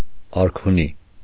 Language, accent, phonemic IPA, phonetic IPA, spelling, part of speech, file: Armenian, Eastern Armenian, /ɑɾkʰuˈni/, [ɑɾkʰuní], արքունի, adjective, Hy-արքունի.ogg
- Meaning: 1. royal; regal 2. of or pertaining to the royal court